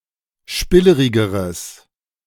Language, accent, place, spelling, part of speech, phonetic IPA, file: German, Germany, Berlin, spillerigeres, adjective, [ˈʃpɪləʁɪɡəʁəs], De-spillerigeres.ogg
- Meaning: strong/mixed nominative/accusative neuter singular comparative degree of spillerig